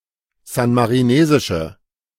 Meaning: inflection of san-marinesisch: 1. strong/mixed nominative/accusative feminine singular 2. strong nominative/accusative plural 3. weak nominative all-gender singular
- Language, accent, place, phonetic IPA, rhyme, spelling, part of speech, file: German, Germany, Berlin, [ˌzanmaʁiˈneːzɪʃə], -eːzɪʃə, san-marinesische, adjective, De-san-marinesische.ogg